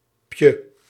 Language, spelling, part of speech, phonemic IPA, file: Dutch, -pje, suffix, /pjə/, Nl--pje.ogg
- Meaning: alternative form of -tje, used for words ending on m